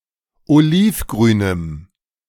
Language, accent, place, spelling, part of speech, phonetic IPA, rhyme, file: German, Germany, Berlin, olivgrünem, adjective, [oˈliːfˌɡʁyːnəm], -iːfɡʁyːnəm, De-olivgrünem.ogg
- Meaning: strong dative masculine/neuter singular of olivgrün